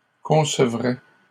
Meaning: third-person singular conditional of concevoir
- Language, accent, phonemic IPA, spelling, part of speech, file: French, Canada, /kɔ̃.sə.vʁɛ/, concevrait, verb, LL-Q150 (fra)-concevrait.wav